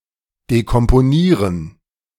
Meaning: to decompose
- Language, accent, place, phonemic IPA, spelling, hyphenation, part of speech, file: German, Germany, Berlin, /dekɔmpoˈniːʁən/, dekomponieren, de‧kom‧po‧nie‧ren, verb, De-dekomponieren.ogg